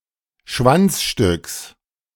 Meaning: genitive singular of Schwanzstück
- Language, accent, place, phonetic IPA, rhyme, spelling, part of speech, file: German, Germany, Berlin, [ˈʃvant͡sˌʃtʏks], -ant͡sʃtʏks, Schwanzstücks, noun, De-Schwanzstücks.ogg